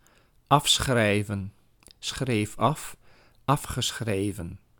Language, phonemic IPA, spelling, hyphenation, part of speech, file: Dutch, /ˈɑfsxrɛi̯və(n)/, afschrijven, af‧schrij‧ven, verb, Nl-afschrijven.ogg
- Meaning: 1. to deduct (money) 2. to amortise, to write off 3. to write off, to consider worthless, beyond repair, total loss, to give up on 4. to copy in writing; (Belgium) also as cheating in a test